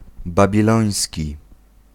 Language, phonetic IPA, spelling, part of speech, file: Polish, [ˌbabʲiˈlɔ̃j̃sʲci], babiloński, adjective, Pl-babiloński.ogg